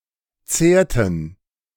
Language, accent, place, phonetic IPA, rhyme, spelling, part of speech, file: German, Germany, Berlin, [ˈt͡seːɐ̯tn̩], -eːɐ̯tn̩, zehrten, verb, De-zehrten.ogg
- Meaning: inflection of zehren: 1. first/third-person plural preterite 2. first/third-person plural subjunctive II